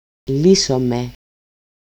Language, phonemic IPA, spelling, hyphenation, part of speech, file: Greek, /ˈli.so.me/, λύσομε, λύ‧σο‧με, verb, El-λύσομε.ogg
- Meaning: first-person plural dependent active of λύνω (lýno)